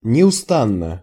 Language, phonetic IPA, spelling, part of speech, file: Russian, [nʲɪʊˈstanːə], неустанно, adverb, Ru-неустанно.ogg
- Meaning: 1. constantly, incessantly, relentlessly 2. tirelessly